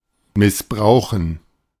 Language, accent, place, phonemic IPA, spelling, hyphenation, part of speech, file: German, Germany, Berlin, /mɪsˈbʁaʊxən/, missbrauchen, miss‧brau‧chen, verb, De-missbrauchen.ogg
- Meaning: 1. to abuse (use improperly) 2. to maltreat; to abuse (treat improperly or violently) 3. to abuse; to violate (rape or assault sexually)